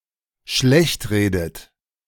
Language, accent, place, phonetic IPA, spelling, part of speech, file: German, Germany, Berlin, [ˈʃlɛçtˌʁeːdət], schlechtredet, verb, De-schlechtredet.ogg
- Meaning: inflection of schlechtreden: 1. third-person singular dependent present 2. second-person plural dependent present 3. second-person plural dependent subjunctive I